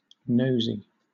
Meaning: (adjective) Alternative spelling of nosy
- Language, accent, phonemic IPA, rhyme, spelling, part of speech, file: English, Southern England, /nəʊzi/, -əʊzi, nosey, adjective / noun / verb, LL-Q1860 (eng)-nosey.wav